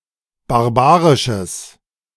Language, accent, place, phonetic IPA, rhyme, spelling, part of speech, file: German, Germany, Berlin, [baʁˈbaːʁɪʃəs], -aːʁɪʃəs, barbarisches, adjective, De-barbarisches.ogg
- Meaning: strong/mixed nominative/accusative neuter singular of barbarisch